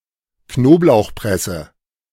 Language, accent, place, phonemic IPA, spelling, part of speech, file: German, Germany, Berlin, /ˈknoːplaʊ̯xˌpʁɛsə/, Knoblauchpresse, noun, De-Knoblauchpresse.ogg
- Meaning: garlic press